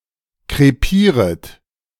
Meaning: second-person plural subjunctive I of krepieren
- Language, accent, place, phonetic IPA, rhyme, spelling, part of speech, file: German, Germany, Berlin, [kʁeˈpiːʁət], -iːʁət, krepieret, verb, De-krepieret.ogg